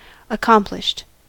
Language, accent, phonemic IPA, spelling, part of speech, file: English, US, /əˈkɑm.plɪʃt/, accomplished, adjective / verb, En-us-accomplished.ogg
- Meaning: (adjective) 1. Completed; effected; established 2. Having many accomplishments, often as a result of study or training 3. Showing skill and artistry